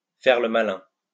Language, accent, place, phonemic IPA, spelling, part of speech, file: French, France, Lyon, /fɛʁ lə ma.lɛ̃/, faire le malin, verb, LL-Q150 (fra)-faire le malin.wav
- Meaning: to get wise, get cute, to act smart, to try to be clever, to be impertinent